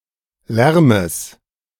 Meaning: genitive singular of Lärm
- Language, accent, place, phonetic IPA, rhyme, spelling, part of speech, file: German, Germany, Berlin, [ˈlɛʁməs], -ɛʁməs, Lärmes, noun, De-Lärmes.ogg